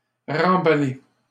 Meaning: to rewrap; to wrap up again
- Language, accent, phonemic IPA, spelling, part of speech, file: French, Canada, /ʁɑ̃.ba.le/, remballer, verb, LL-Q150 (fra)-remballer.wav